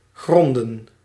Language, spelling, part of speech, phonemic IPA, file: Dutch, gronden, verb / noun, /ˈɣrɔndə(n)/, Nl-gronden.ogg
- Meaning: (verb) 1. to fathom, to determine the depth of 2. to put a foundation under 3. to found (an argument); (noun) plural of grond